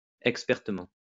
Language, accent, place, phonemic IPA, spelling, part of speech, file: French, France, Lyon, /ɛk.spɛʁ.tə.mɑ̃/, expertement, adverb, LL-Q150 (fra)-expertement.wav
- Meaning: expertly